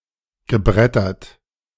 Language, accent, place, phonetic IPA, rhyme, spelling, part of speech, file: German, Germany, Berlin, [ɡəˈbʁɛtɐt], -ɛtɐt, gebrettert, verb, De-gebrettert.ogg
- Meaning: past participle of brettern